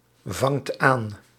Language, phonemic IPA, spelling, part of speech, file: Dutch, /ˈvɑŋt ˈan/, vangt aan, verb, Nl-vangt aan.ogg
- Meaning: inflection of aanvangen: 1. second/third-person singular present indicative 2. plural imperative